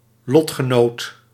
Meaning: a fellow, companion, mate or partner in some form of fate, being subject to a shared risk, condition or adversity, regardless of mutual attitude; a peer
- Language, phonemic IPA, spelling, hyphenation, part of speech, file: Dutch, /ˈlɔt.xəˌnoːt/, lotgenoot, lot‧ge‧noot, noun, Nl-lotgenoot.ogg